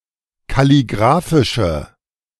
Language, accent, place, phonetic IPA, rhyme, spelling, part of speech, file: German, Germany, Berlin, [kaliˈɡʁaːfɪʃə], -aːfɪʃə, kalligraphische, adjective, De-kalligraphische.ogg
- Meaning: inflection of kalligraphisch: 1. strong/mixed nominative/accusative feminine singular 2. strong nominative/accusative plural 3. weak nominative all-gender singular